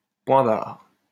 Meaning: period; full stop, end of discussion
- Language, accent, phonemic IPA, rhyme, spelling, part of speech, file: French, France, /pwɛ̃ baʁ/, -aʁ, point barre, interjection, LL-Q150 (fra)-point barre.wav